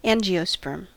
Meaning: Any plant of the clade Angiosperms, characterized by having ovules enclosed in an ovary; a flowering plant
- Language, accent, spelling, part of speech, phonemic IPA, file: English, US, angiosperm, noun, /ˈæn.d͡ʒi.əˌspɝm/, En-us-angiosperm.ogg